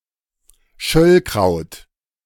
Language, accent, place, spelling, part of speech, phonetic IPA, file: German, Germany, Berlin, Schöllkraut, noun, [ˈʃœlkʁaʊ̯t], De-Schöllkraut.ogg
- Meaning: greater celandine (Chelidonium majus)